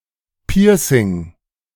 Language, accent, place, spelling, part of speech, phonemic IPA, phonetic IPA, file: German, Germany, Berlin, Piercing, noun, /ˈpiːʁsɪŋ/, [ˈpiːɐ̯sɪŋ], De-Piercing.ogg
- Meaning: piercing, body piercing